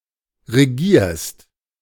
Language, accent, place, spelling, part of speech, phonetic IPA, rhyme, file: German, Germany, Berlin, regierst, verb, [ʁeˈɡiːɐ̯st], -iːɐ̯st, De-regierst.ogg
- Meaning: second-person singular present of regieren